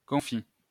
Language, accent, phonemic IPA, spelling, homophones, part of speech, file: French, France, /kɔ̃.fi/, confit, confie / confient / confies / confis / confît / confits, adjective / noun / verb, LL-Q150 (fra)-confit.wav
- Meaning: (adjective) preserved, pickled; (noun) confit; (verb) 1. past participle of confire 2. inflection of confire: third-person singular present indicative